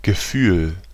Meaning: 1. feeling (either physical sensation or emotion) 2. sense of something, instinct
- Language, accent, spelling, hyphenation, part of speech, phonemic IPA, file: German, Germany, Gefühl, Ge‧fühl, noun, /ɡəˈfyːl/, De-Gefühl.ogg